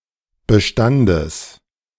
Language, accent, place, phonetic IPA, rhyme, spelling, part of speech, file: German, Germany, Berlin, [bəˈʃtandəs], -andəs, Bestandes, noun, De-Bestandes.ogg
- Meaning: genitive singular of Bestand